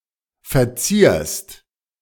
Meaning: second-person singular present of verzieren
- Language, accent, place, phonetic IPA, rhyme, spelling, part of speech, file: German, Germany, Berlin, [fɛɐ̯ˈt͡siːɐ̯st], -iːɐ̯st, verzierst, verb, De-verzierst.ogg